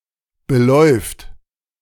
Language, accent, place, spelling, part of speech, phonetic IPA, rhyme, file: German, Germany, Berlin, beläuft, verb, [bəˈlɔɪ̯ft], -ɔɪ̯ft, De-beläuft.ogg
- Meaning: third-person singular present of belaufen